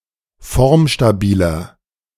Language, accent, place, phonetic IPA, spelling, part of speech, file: German, Germany, Berlin, [ˈfɔʁmʃtaˌbiːlɐ], formstabiler, adjective, De-formstabiler.ogg
- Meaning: 1. comparative degree of formstabil 2. inflection of formstabil: strong/mixed nominative masculine singular 3. inflection of formstabil: strong genitive/dative feminine singular